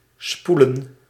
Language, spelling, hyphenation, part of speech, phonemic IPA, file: Dutch, spoelen, spoe‧len, verb / noun, /ˈspulə(n)/, Nl-spoelen.ogg
- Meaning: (verb) 1. to rinse, to wash up 2. to flush 3. to stream, to wash, to flow 4. to wind; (noun) plural of spoel